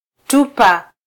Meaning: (noun) rasp; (verb) 1. to throw 2. to throw away, discard, dispose 3. to abandon, to desert 4. to smell
- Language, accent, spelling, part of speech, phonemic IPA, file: Swahili, Kenya, tupa, noun / verb, /ˈtu.pɑ/, Sw-ke-tupa.flac